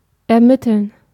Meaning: 1. to determine, to identify (a value or identity; through a calculation or other process) 2. to investigate (by the police)
- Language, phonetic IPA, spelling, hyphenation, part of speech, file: German, [ʔɛʁˈmɪtəln], ermitteln, er‧mit‧teln, verb, De-ermitteln.ogg